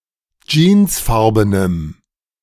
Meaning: strong dative masculine/neuter singular of jeansfarben
- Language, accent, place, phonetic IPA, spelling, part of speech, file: German, Germany, Berlin, [ˈd͡ʒiːnsˌfaʁbənəm], jeansfarbenem, adjective, De-jeansfarbenem.ogg